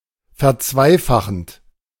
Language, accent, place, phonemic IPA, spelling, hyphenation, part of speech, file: German, Germany, Berlin, /fɛɐ̯ˈt͡svaɪ̯ˌfaxənt/, verzweifachend, ver‧zwei‧fa‧chend, verb, De-verzweifachend.ogg
- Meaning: present participle of verzweifachen